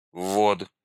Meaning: 1. lead-in 2. input, bringing in 3. enter (key)
- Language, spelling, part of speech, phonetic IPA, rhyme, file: Russian, ввод, noun, [vːot], -ot, Ru-ввод.ogg